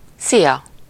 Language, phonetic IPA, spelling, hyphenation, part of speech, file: Hungarian, [ˈsijɒ], szia, szi‧a, interjection, Hu-szia.ogg
- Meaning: 1. hi 2. bye, see ya, so long